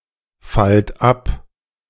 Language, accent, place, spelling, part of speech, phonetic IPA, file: German, Germany, Berlin, fallt ab, verb, [ˌfalt ˈap], De-fallt ab.ogg
- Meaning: inflection of abfallen: 1. second-person plural present 2. plural imperative